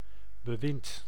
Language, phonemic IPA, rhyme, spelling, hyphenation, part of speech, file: Dutch, /bəˈʋɪnt/, -ɪnt, bewind, be‧wind, noun, Nl-bewind.ogg
- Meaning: 1. reign 2. government, regime, administration